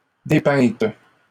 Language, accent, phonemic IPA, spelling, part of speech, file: French, Canada, /de.pɛ̃t/, dépeinte, adjective, LL-Q150 (fra)-dépeinte.wav
- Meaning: feminine singular of dépeint